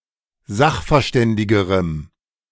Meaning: strong dative masculine/neuter singular comparative degree of sachverständig
- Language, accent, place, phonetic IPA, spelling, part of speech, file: German, Germany, Berlin, [ˈzaxfɛɐ̯ˌʃtɛndɪɡəʁəm], sachverständigerem, adjective, De-sachverständigerem.ogg